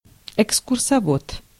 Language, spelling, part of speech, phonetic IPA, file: Russian, экскурсовод, noun, [ɪkskʊrsɐˈvot], Ru-экскурсовод.ogg
- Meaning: guide (a trained specialist who leads guided tours at a museum or other location of interest)